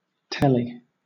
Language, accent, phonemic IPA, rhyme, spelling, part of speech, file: English, Southern England, /ˈtɛli/, -ɛli, telly, noun / adjective, LL-Q1860 (eng)-telly.wav
- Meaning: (noun) 1. Television 2. A television set 3. Telegraph 4. Telephone 5. Teleport 6. Telecommunication 7. A hotel or motel